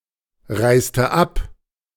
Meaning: inflection of abreisen: 1. first/third-person singular preterite 2. first/third-person singular subjunctive II
- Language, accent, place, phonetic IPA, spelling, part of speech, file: German, Germany, Berlin, [ˌʁaɪ̯stə ˈap], reiste ab, verb, De-reiste ab.ogg